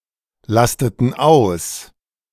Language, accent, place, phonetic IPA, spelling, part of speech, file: German, Germany, Berlin, [ˌlastətn̩ ˈaʊ̯s], lasteten aus, verb, De-lasteten aus.ogg
- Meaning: inflection of auslasten: 1. first/third-person plural preterite 2. first/third-person plural subjunctive II